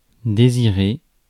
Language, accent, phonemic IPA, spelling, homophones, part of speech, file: French, France, /de.zi.ʁe/, désirer, désirai / désiré / désirée / désirées / désirés / désirez, verb, Fr-désirer.ogg
- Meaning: to desire, want